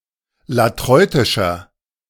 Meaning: inflection of latreutisch: 1. strong/mixed nominative masculine singular 2. strong genitive/dative feminine singular 3. strong genitive plural
- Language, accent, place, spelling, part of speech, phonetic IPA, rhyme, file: German, Germany, Berlin, latreutischer, adjective, [laˈtʁɔɪ̯tɪʃɐ], -ɔɪ̯tɪʃɐ, De-latreutischer.ogg